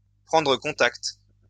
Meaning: to contact, to get in touch with
- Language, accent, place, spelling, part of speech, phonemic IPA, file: French, France, Lyon, prendre contact, verb, /pʁɑ̃.dʁə kɔ̃.takt/, LL-Q150 (fra)-prendre contact.wav